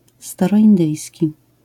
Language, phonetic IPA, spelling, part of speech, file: Polish, [ˌstarɔʲĩnˈdɨjsʲci], staroindyjski, adjective, LL-Q809 (pol)-staroindyjski.wav